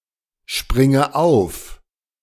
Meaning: inflection of aufspringen: 1. first-person singular present 2. first/third-person singular subjunctive I 3. singular imperative
- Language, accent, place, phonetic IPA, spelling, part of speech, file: German, Germany, Berlin, [ˌʃpʁɪŋə ˈaʊ̯f], springe auf, verb, De-springe auf.ogg